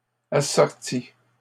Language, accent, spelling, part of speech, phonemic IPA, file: French, Canada, assorti, verb, /a.sɔʁ.ti/, LL-Q150 (fra)-assorti.wav
- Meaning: past participle of assortir